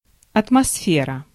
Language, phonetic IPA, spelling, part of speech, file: Russian, [ɐtmɐˈsfʲerə], атмосфера, noun, Ru-атмосфера.ogg
- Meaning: atmosphere